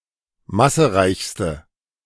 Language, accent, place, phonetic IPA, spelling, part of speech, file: German, Germany, Berlin, [ˈmasəˌʁaɪ̯çstə], massereichste, adjective, De-massereichste.ogg
- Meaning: inflection of massereich: 1. strong/mixed nominative/accusative feminine singular superlative degree 2. strong nominative/accusative plural superlative degree